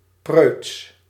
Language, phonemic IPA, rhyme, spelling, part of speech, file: Dutch, /prøːts/, -øːts, preuts, adjective, Nl-preuts.ogg
- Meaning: 1. prudish, exaggeratedly proper, modest 2. proud, haughty 3. bold, daring; courageous 4. vivid, lively, fiery, elated 5. unchaste, immodest 6. noble, righteous